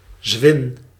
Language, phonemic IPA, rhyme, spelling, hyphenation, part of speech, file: Dutch, /zʋɪn/, -ɪn, zwin, zwin, noun, Nl-zwin.ogg
- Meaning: a deep trench between sandy segments of a sea coast (eg. between sandbars or along the beach), where water collects during eb